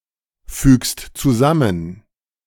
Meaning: second-person singular present of zusammenfügen
- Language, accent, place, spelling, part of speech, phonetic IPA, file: German, Germany, Berlin, fügst zusammen, verb, [ˌfyːkst t͡suˈzamən], De-fügst zusammen.ogg